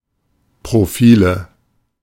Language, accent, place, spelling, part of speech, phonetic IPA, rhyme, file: German, Germany, Berlin, Profile, noun, [pʁoˈfiːlə], -iːlə, De-Profile.ogg
- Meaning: nominative/accusative/genitive plural of Profil